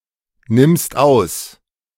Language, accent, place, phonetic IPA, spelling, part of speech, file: German, Germany, Berlin, [ˌnɪmst ˈaʊ̯s], nimmst aus, verb, De-nimmst aus.ogg
- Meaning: second-person singular present of ausnehmen